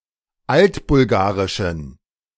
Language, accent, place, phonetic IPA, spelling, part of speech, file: German, Germany, Berlin, [ˈaltbʊlˌɡaːʁɪʃn̩], altbulgarischen, adjective, De-altbulgarischen.ogg
- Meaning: inflection of altbulgarisch: 1. strong genitive masculine/neuter singular 2. weak/mixed genitive/dative all-gender singular 3. strong/weak/mixed accusative masculine singular 4. strong dative plural